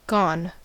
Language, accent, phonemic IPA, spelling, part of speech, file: English, US, /ɡɔn/, gone, verb / adjective / preposition / contraction, En-us-gone.ogg
- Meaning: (verb) past participle of go; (adjective) 1. Away, having left 2. No longer existing, having passed 3. Used up 4. Broken, failed 5. Dead 6. Doomed, done for